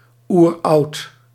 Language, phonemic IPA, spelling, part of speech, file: Dutch, /ˈurɑut/, oeroud, adjective, Nl-oeroud.ogg
- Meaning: ancient